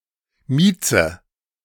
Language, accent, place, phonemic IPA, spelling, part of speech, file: German, Germany, Berlin, /ˈmiːt͡sə/, Mieze, noun, De-Mieze.ogg
- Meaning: 1. pussy (cat) 2. attractive woman 3. pretty cat